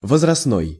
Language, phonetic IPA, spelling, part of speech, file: Russian, [vəzrɐsˈnoj], возрастной, adjective, Ru-возрастной.ogg
- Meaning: 1. age; age-related 2. age-specific